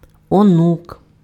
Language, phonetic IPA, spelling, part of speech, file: Ukrainian, [oˈnuk], онук, noun, Uk-онук.ogg
- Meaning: 1. grandson 2. grandchildren